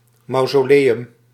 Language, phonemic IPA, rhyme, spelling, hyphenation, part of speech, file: Dutch, /ˌmɑu̯.zoːˈleː.ʏm/, -eːʏm, mausoleum, mau‧so‧le‧um, noun, Nl-mausoleum.ogg
- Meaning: mausoleum